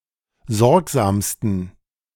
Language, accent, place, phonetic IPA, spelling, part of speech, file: German, Germany, Berlin, [ˈzɔʁkzaːmstn̩], sorgsamsten, adjective, De-sorgsamsten.ogg
- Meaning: 1. superlative degree of sorgsam 2. inflection of sorgsam: strong genitive masculine/neuter singular superlative degree